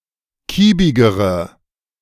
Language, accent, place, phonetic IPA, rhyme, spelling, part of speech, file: German, Germany, Berlin, [ˈkiːbɪɡəʁə], -iːbɪɡəʁə, kiebigere, adjective, De-kiebigere.ogg
- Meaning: inflection of kiebig: 1. strong/mixed nominative/accusative feminine singular comparative degree 2. strong nominative/accusative plural comparative degree